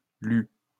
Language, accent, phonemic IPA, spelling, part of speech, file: French, France, /ly/, lues, verb, LL-Q150 (fra)-lues.wav
- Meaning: feminine plural of lu